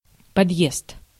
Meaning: 1. section of multiapartment building with common entrance 2. public stairway in multiapartment building 3. access by a vehicle
- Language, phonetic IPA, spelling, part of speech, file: Russian, [pɐdˈjest], подъезд, noun, Ru-подъезд.ogg